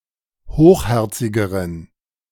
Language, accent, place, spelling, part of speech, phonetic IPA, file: German, Germany, Berlin, hochherzigeren, adjective, [ˈhoːxˌhɛʁt͡sɪɡəʁən], De-hochherzigeren.ogg
- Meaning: inflection of hochherzig: 1. strong genitive masculine/neuter singular comparative degree 2. weak/mixed genitive/dative all-gender singular comparative degree